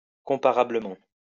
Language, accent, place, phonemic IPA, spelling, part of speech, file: French, France, Lyon, /kɔ̃.pa.ʁa.blə.mɑ̃/, comparablement, adverb, LL-Q150 (fra)-comparablement.wav
- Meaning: comparably